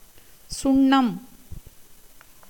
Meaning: 1. chunam, lime, oxide of calcium 2. powder, dust 3. sweet-scented powders, fumes, powdered sandal 4. colour powder (thrown at each other on festive occasions) 5. the 24th lunar asterism
- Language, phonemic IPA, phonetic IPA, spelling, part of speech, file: Tamil, /tʃʊɳːɐm/, [sʊɳːɐm], சுண்ணம், noun, Ta-சுண்ணம்.ogg